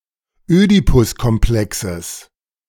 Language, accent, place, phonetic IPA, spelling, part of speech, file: German, Germany, Berlin, [ˈøːdipʊskɔmˌplɛksəs], Ödipuskomplexes, noun, De-Ödipuskomplexes.ogg
- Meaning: genitive singular of Ödipuskomplex